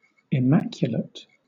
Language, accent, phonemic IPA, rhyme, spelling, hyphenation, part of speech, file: English, Southern England, /ɪˈmækjʊlət/, -ækjʊlət, immaculate, im‧ma‧cul‧ate, adjective, LL-Q1860 (eng)-immaculate.wav
- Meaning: 1. Having no blemish or stain; absolutely clean and tidy 2. Containing no mistakes; free from fault 3. Containing no mistakes; free from fault.: Of a book, manuscript, etc.: having no textual errors